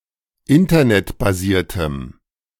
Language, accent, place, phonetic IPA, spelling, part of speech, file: German, Germany, Berlin, [ˈɪntɐnɛtbaˌziːɐ̯təm], internetbasiertem, adjective, De-internetbasiertem.ogg
- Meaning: strong dative masculine/neuter singular of internetbasiert